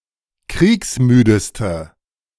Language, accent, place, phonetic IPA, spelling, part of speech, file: German, Germany, Berlin, [ˈkʁiːksˌmyːdəstə], kriegsmüdeste, adjective, De-kriegsmüdeste.ogg
- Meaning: inflection of kriegsmüde: 1. strong/mixed nominative/accusative feminine singular superlative degree 2. strong nominative/accusative plural superlative degree